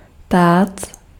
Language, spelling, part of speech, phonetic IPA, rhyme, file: Czech, tác, noun, [ˈtaːt͡s], -aːts, Cs-tác.ogg
- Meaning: 1. platter, tray 2. a thousand crowns (thousand units of Czech currency)